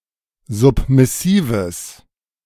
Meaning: strong/mixed nominative/accusative neuter singular of submissiv
- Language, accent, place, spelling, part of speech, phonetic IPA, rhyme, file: German, Germany, Berlin, submissives, adjective, [ˌzʊpmɪˈsiːvəs], -iːvəs, De-submissives.ogg